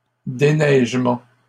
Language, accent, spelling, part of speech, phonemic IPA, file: French, Canada, déneigement, noun, /de.nɛʒ.mɑ̃/, LL-Q150 (fra)-déneigement.wav
- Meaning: the removal or clearing of snow